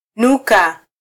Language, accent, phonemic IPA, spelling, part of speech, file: Swahili, Kenya, /ˈnu.kɑ/, nuka, verb, Sw-ke-nuka.flac
- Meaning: to smell, stink